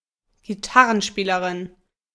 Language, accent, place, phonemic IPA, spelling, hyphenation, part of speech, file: German, Germany, Berlin, /ɡiˈtaʁənˌʃpiːləʁɪn/, Gitarrenspielerin, Gi‧tar‧ren‧spie‧le‧rin, noun, De-Gitarrenspielerin.ogg
- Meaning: guitarist (female person playing or performing on the guitar)